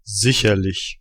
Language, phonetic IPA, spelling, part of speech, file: German, [ˈzɪçɐˌlɪç], sicherlich, adverb, De-Sicherlich.ogg